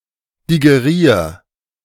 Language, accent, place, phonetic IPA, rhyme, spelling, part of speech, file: German, Germany, Berlin, [diɡeˈʁiːɐ̯], -iːɐ̯, digerier, verb, De-digerier.ogg
- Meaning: 1. singular imperative of digerieren 2. first-person singular present of digerieren